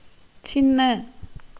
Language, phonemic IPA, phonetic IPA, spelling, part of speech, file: Tamil, /tʃɪnːɐ/, [sɪnːɐ], சின்ன, adjective, Ta-சின்ன.ogg
- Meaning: 1. small, little 2. inferior, mean, low 3. young